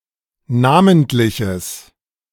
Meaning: strong/mixed nominative/accusative neuter singular of namentlich
- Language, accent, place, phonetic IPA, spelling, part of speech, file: German, Germany, Berlin, [ˈnaːməntlɪçəs], namentliches, adjective, De-namentliches.ogg